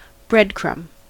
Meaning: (noun) A tiny piece of bread, either one that falls from bread as it is cut or eaten, or one made deliberately by crumbling bread
- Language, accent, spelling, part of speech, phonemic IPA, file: English, US, breadcrumb, noun / verb, /ˈbɹɛdˌkɹʌm/, En-us-breadcrumb.ogg